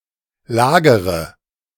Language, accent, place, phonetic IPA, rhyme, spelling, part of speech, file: German, Germany, Berlin, [ˈlaːɡəʁə], -aːɡəʁə, lagere, verb, De-lagere.ogg
- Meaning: inflection of lagern: 1. first-person singular present 2. first/third-person singular subjunctive I 3. singular imperative